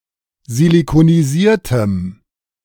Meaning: strong dative masculine/neuter singular of silikonisiert
- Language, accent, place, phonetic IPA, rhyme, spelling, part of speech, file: German, Germany, Berlin, [zilikoniˈziːɐ̯təm], -iːɐ̯təm, silikonisiertem, adjective, De-silikonisiertem.ogg